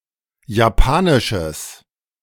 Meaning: strong/mixed nominative/accusative neuter singular of japanisch
- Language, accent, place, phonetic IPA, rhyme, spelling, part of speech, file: German, Germany, Berlin, [jaˈpaːnɪʃəs], -aːnɪʃəs, japanisches, adjective, De-japanisches.ogg